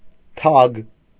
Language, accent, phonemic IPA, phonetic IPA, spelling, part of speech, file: Armenian, Eastern Armenian, /tʰɑɡ/, [tʰɑɡ], թագ, noun, Hy-թագ.ogg
- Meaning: 1. crown 2. a crown placed on the heads of the bride and the groom during the wedding 3. summit of a mountain